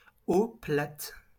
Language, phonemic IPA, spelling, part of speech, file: French, /o plat/, eau plate, noun, LL-Q150 (fra)-eau plate.wav
- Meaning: still water